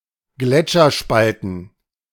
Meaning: plural of Gletscherspalte
- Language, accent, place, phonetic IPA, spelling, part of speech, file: German, Germany, Berlin, [ˈɡlɛt͡ʃɐˌʃpaltn̩], Gletscherspalten, noun, De-Gletscherspalten.ogg